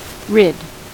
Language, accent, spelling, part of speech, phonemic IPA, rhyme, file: English, General American, rid, verb / adjective / noun, /ɹɪd/, -ɪd, En-us-rid.ogg
- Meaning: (verb) Followed by of: to free (oneself or someone, or a place) from an annoyance or hindrance